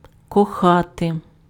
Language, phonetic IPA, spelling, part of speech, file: Ukrainian, [kɔˈxate], кохати, verb, Uk-кохати.ogg
- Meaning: 1. To love, to have a strong romantic or sexual affection for someone 2. To be strongly inclined towards something 3. to care, to cherish, to nurture (about kids, pets, plants etc.)